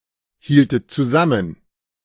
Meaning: inflection of zusammenhalten: 1. second-person plural preterite 2. second-person plural subjunctive II
- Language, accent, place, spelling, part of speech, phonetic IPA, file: German, Germany, Berlin, hieltet zusammen, verb, [ˌhiːltət t͡suˈzamən], De-hieltet zusammen.ogg